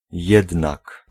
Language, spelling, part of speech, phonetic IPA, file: Polish, jednak, conjunction / particle, [ˈjɛdnak], Pl-jednak.ogg